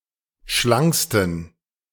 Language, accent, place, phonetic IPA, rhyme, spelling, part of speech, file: German, Germany, Berlin, [ˈʃlaŋkstn̩], -aŋkstn̩, schlanksten, adjective, De-schlanksten.ogg
- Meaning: 1. superlative degree of schlank 2. inflection of schlank: strong genitive masculine/neuter singular superlative degree